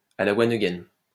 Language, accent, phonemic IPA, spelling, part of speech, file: French, France, /a la wan ə.ɡɛn/, à la one again, adverb, LL-Q150 (fra)-à la one again.wav
- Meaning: hastily; in a hurry